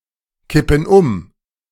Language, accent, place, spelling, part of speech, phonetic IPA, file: German, Germany, Berlin, kippen um, verb, [ˌkɪpn̩ ˈʊm], De-kippen um.ogg
- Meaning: inflection of umkippen: 1. first/third-person plural present 2. first/third-person plural subjunctive I